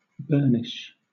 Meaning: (verb) To make (something, such as a surface) bright, shiny, and smooth by, or (by extension) as if by, rubbing; to polish, to shine
- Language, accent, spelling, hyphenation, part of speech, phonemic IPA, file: English, Southern England, burnish, burn‧ish, verb / noun, /ˈbɜːnɪʃ/, LL-Q1860 (eng)-burnish.wav